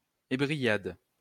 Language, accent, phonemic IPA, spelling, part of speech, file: French, France, /e.bʁi.jad/, ébrillade, noun, LL-Q150 (fra)-ébrillade.wav
- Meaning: the sudden jerking of a horse's rein when the horse refuses to turn